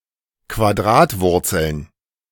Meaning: plural of Quadratwurzel
- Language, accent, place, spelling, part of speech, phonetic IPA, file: German, Germany, Berlin, Quadratwurzeln, noun, [kvaˈdʁaːtˌvʊʁt͡sl̩n], De-Quadratwurzeln.ogg